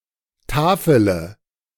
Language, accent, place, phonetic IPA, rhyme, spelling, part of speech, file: German, Germany, Berlin, [ˈtaːfələ], -aːfələ, tafele, verb, De-tafele.ogg
- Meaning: inflection of tafeln: 1. first-person singular present 2. first/third-person singular subjunctive I 3. singular imperative